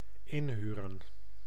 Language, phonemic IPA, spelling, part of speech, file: Dutch, /ˈɪnhyrə(n)/, inhuren, verb, Nl-inhuren.ogg
- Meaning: 1. to hire (workforce, etc.) 2. to rent (obtain temporary possession of an object in exchange for money)